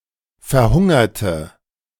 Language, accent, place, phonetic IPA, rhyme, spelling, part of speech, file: German, Germany, Berlin, [fɛɐ̯ˈhʊŋɐtə], -ʊŋɐtə, verhungerte, adjective / verb, De-verhungerte.ogg
- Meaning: inflection of verhungern: 1. first/third-person singular preterite 2. first/third-person singular subjunctive II